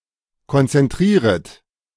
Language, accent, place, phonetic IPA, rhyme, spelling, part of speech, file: German, Germany, Berlin, [kɔnt͡sɛnˈtʁiːʁət], -iːʁət, konzentrieret, verb, De-konzentrieret.ogg
- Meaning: second-person plural subjunctive I of konzentrieren